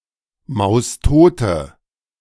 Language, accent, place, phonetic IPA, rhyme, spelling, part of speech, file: German, Germany, Berlin, [ˌmaʊ̯sˈtoːtə], -oːtə, maustote, adjective, De-maustote.ogg
- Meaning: inflection of maustot: 1. strong/mixed nominative/accusative feminine singular 2. strong nominative/accusative plural 3. weak nominative all-gender singular 4. weak accusative feminine/neuter singular